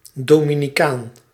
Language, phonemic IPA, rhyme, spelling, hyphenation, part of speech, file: Dutch, /ˌdoː.mi.niˈkaːn/, -aːn, Dominicaan, Do‧mi‧ni‧caan, noun, Nl-Dominicaan.ogg
- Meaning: Dominican (person from the Dominican Republic)